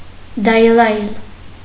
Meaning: trill, twitter
- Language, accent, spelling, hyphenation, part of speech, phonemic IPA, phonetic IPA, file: Armenian, Eastern Armenian, դայլայլ, դայ‧լայլ, noun, /dɑjˈlɑjl/, [dɑjlɑ́jl], Hy-դայլայլ.ogg